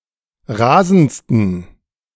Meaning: 1. superlative degree of rasend 2. inflection of rasend: strong genitive masculine/neuter singular superlative degree
- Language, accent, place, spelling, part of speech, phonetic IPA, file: German, Germany, Berlin, rasendsten, adjective, [ˈʁaːzn̩t͡stən], De-rasendsten.ogg